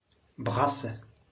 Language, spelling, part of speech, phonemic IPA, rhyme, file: German, Brasse, noun / proper noun, /ˈbʁasə/, -asə, De-Brasse.ogg
- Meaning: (noun) carp bream (a fish); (proper noun) a surname